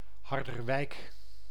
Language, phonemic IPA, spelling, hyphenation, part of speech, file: Dutch, /ˌɦɑr.dərˈʋɛi̯k/, Harderwijk, Har‧der‧wijk, proper noun, Nl-Harderwijk.ogg
- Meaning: 1. Harderwijk (a city and municipality of Gelderland, Netherlands) 2. a hamlet in Opmeer, North Holland, Netherlands